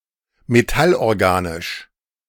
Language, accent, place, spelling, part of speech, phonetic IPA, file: German, Germany, Berlin, metallorganisch, adjective, [meˈtalʔɔʁˌɡaːnɪʃ], De-metallorganisch.ogg
- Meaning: organometallic